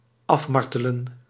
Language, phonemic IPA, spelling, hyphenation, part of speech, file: Dutch, /ˈɑfˌmɑr.tə.lə(n)/, afmartelen, af‧mar‧te‧len, verb, Nl-afmartelen.ogg
- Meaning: 1. to torture to an intense degree 2. to pester or torment a lot 3. to exhaust, to tire out